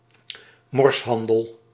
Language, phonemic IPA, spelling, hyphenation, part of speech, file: Dutch, /ˈmɔrsˌɦɑn.dəl/, morshandel, mors‧han‧del, noun, Nl-morshandel.ogg
- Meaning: illicit trade, especially in the territories of the monopolistic Dutch East India and West India Companies